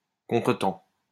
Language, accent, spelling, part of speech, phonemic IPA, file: French, France, contretemps, noun, /kɔ̃.tʁə.tɑ̃/, LL-Q150 (fra)-contretemps.wav
- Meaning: 1. offbeat, backbeat 2. a contretemps, a hitch, a hold-up, a setback